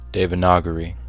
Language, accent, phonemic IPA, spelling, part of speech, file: English, US, /ˌdeɪvəˈnɑɡəɹi/, Devanagari, adjective / proper noun, En-us-Devanagari.ogg
- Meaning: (adjective) Of the Devanagari script or of a Devanagari alphabet